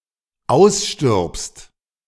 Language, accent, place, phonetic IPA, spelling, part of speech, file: German, Germany, Berlin, [ˈaʊ̯sˌʃtɪʁpst], ausstirbst, verb, De-ausstirbst.ogg
- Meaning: second-person singular dependent present of aussterben